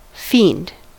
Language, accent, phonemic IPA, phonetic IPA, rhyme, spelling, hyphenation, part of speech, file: English, US, /ˈfiːnd/, [ˈfɪi̯nd], -iːnd, fiend, fiend, noun / verb, En-us-fiend.ogg
- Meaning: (noun) 1. A devil or demon; a malignant or diabolical being; an evil spirit 2. A very evil person 3. An enemy; a foe 4. The enemy of mankind, specifically, the Devil; Satan 5. An addict or fanatic